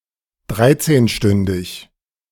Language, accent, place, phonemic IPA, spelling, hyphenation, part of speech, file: German, Germany, Berlin, /ˈdʁaɪ̯tseːnˌʃtʏndɪç/, dreizehnstündig, drei‧zehn‧stün‧dig, adjective, De-dreizehnstündig.ogg
- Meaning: thirteen-hour